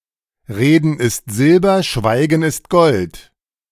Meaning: speech is silver, silence is golden
- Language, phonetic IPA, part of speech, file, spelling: German, [ˈʁeːdn̩ ɪst ˈzɪlbɐ ˈʃvaɪ̯ɡn̩ ɪst ˈɡɔlt], phrase, De-Reden ist Silber Schweigen ist Gold.ogg, Reden ist Silber, Schweigen ist Gold